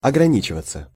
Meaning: 1. to limit oneself 2. to content oneself with 3. to not go beyond 4. passive of ограни́чивать (ograníčivatʹ)
- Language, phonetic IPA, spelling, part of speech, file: Russian, [ɐɡrɐˈnʲit͡ɕɪvət͡sə], ограничиваться, verb, Ru-ограничиваться.ogg